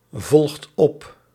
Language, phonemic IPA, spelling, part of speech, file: Dutch, /ˈvɔlᵊxt ˈɔp/, volgt op, verb, Nl-volgt op.ogg
- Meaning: inflection of opvolgen: 1. second/third-person singular present indicative 2. plural imperative